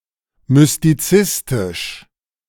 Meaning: mysticist
- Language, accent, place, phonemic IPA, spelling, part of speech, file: German, Germany, Berlin, /mʏstiˈt͡sɪstɪʃ/, mystizistisch, adjective, De-mystizistisch.ogg